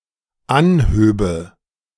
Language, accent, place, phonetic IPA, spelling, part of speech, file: German, Germany, Berlin, [ˈanˌhøːbə], anhöbe, verb, De-anhöbe.ogg
- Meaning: first/third-person singular dependent subjunctive II of anheben